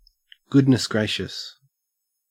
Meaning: Expressing great surprise
- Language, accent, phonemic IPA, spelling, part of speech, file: English, Australia, /ˈɡʊdnɪs ˌɡɹeɪʃəs/, goodness gracious, interjection, En-au-goodness gracious.ogg